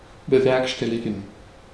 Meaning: to bring about, realize
- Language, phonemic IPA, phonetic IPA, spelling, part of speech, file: German, /bəˈvɛʁkʃtɛliɡən/, [bəˈvɛʁkʃtɛliɡn̩], bewerkstelligen, verb, De-bewerkstelligen.ogg